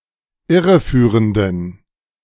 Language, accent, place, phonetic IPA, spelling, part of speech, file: German, Germany, Berlin, [ˈɪʁəˌfyːʁəndn̩], irreführenden, adjective, De-irreführenden.ogg
- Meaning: inflection of irreführend: 1. strong genitive masculine/neuter singular 2. weak/mixed genitive/dative all-gender singular 3. strong/weak/mixed accusative masculine singular 4. strong dative plural